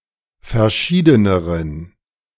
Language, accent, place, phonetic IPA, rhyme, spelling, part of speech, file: German, Germany, Berlin, [fɛɐ̯ˈʃiːdənəʁən], -iːdənəʁən, verschiedeneren, adjective, De-verschiedeneren.ogg
- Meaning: inflection of verschieden: 1. strong genitive masculine/neuter singular comparative degree 2. weak/mixed genitive/dative all-gender singular comparative degree